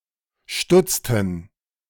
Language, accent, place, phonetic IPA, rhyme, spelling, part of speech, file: German, Germany, Berlin, [ˈʃtʊt͡stn̩], -ʊt͡stn̩, stutzten, verb, De-stutzten.ogg
- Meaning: inflection of stutzen: 1. first/third-person plural preterite 2. first/third-person plural subjunctive II